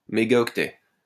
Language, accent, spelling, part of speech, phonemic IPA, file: French, France, mégaoctet, noun, /me.ɡa.ɔk.tɛ/, LL-Q150 (fra)-mégaoctet.wav
- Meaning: megabyte